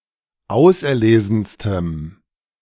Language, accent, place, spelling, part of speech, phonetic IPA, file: German, Germany, Berlin, auserlesenstem, adjective, [ˈaʊ̯sʔɛɐ̯ˌleːzn̩stəm], De-auserlesenstem.ogg
- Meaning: strong dative masculine/neuter singular superlative degree of auserlesen